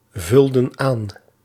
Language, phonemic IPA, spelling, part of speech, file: Dutch, /ˈvʏldə(n) ˈan/, vulden aan, verb, Nl-vulden aan.ogg
- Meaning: inflection of aanvullen: 1. plural past indicative 2. plural past subjunctive